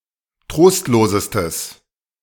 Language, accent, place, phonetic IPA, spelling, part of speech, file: German, Germany, Berlin, [ˈtʁoːstloːzəstəs], trostlosestes, adjective, De-trostlosestes.ogg
- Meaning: strong/mixed nominative/accusative neuter singular superlative degree of trostlos